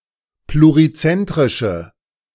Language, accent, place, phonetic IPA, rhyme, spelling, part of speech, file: German, Germany, Berlin, [pluʁiˈt͡sɛntʁɪʃə], -ɛntʁɪʃə, plurizentrische, adjective, De-plurizentrische.ogg
- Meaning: inflection of plurizentrisch: 1. strong/mixed nominative/accusative feminine singular 2. strong nominative/accusative plural 3. weak nominative all-gender singular